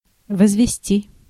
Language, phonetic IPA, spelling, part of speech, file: Russian, [vəzvʲɪˈsʲtʲi], возвести, verb, Ru-возвести.ogg
- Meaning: 1. to raise, to erect 2. to exponentiate, to raise to a power 3. to derive 4. to cast (an accusation) 5. second-person singular imperative perfective of возвести́ть (vozvestítʹ)